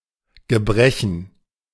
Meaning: 1. disability, infirmity (lasting physical damage) 2. damage, a technical bug
- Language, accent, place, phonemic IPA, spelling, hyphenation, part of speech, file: German, Germany, Berlin, /ɡəˈbʁɛçn̩/, Gebrechen, Ge‧bre‧chen, noun, De-Gebrechen.ogg